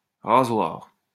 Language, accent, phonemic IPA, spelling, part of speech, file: French, France, /ʁa.zwaʁ/, rasoir, noun / adjective, LL-Q150 (fra)-rasoir.wav
- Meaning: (noun) razor; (adjective) boring, tiring